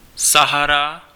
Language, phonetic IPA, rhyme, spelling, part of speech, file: Czech, [ˈsaɦara], -ara, Sahara, proper noun, Cs-Sahara.ogg
- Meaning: Sahara (desert)